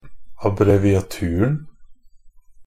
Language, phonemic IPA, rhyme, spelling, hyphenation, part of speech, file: Norwegian Bokmål, /abrɛʋɪaˈtʉːrn̩/, -ʉːrn̩, abbreviaturen, ab‧bre‧vi‧a‧tu‧ren, noun, NB - Pronunciation of Norwegian Bokmål «abbreviaturen».ogg
- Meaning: definite singular of abbreviatur